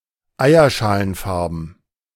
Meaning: eggshell (colour)
- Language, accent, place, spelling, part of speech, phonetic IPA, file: German, Germany, Berlin, eierschalenfarben, adjective, [ˈaɪ̯ɐʃaːlənˌfaʁbn̩], De-eierschalenfarben.ogg